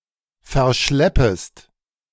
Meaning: second-person singular subjunctive I of verschleppen
- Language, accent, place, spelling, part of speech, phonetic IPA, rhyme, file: German, Germany, Berlin, verschleppest, verb, [fɛɐ̯ˈʃlɛpəst], -ɛpəst, De-verschleppest.ogg